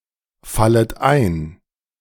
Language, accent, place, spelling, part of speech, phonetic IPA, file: German, Germany, Berlin, fallet ein, verb, [ˌfalət ˈaɪ̯n], De-fallet ein.ogg
- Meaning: second-person plural subjunctive I of einfallen